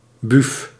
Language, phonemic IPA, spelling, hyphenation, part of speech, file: Dutch, /byf/, buuf, buuf, noun, Nl-buuf.ogg
- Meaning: female neighbour